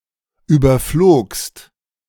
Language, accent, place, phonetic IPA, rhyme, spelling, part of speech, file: German, Germany, Berlin, [ˌyːbɐˈfloːkst], -oːkst, überflogst, verb, De-überflogst.ogg
- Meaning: second-person singular preterite of überfliegen